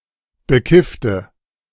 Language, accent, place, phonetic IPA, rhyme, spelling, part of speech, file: German, Germany, Berlin, [bəˈkɪftə], -ɪftə, bekiffte, adjective / verb, De-bekiffte.ogg
- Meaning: inflection of bekifft: 1. strong/mixed nominative/accusative feminine singular 2. strong nominative/accusative plural 3. weak nominative all-gender singular 4. weak accusative feminine/neuter singular